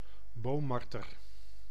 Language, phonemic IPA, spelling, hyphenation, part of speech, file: Dutch, /ˈboː(m)ˌmɑr.tər/, boommarter, boom‧mar‧ter, noun, Nl-boommarter.ogg
- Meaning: pine marten (Martes martes)